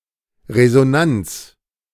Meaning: resonance
- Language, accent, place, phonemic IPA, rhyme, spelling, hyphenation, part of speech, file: German, Germany, Berlin, /ʁezoˈnant͡s/, -ants, Resonanz, Re‧so‧nanz, noun, De-Resonanz.ogg